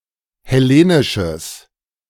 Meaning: strong/mixed nominative/accusative neuter singular of hellenisch
- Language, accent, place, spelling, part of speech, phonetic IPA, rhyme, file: German, Germany, Berlin, hellenisches, adjective, [hɛˈleːnɪʃəs], -eːnɪʃəs, De-hellenisches.ogg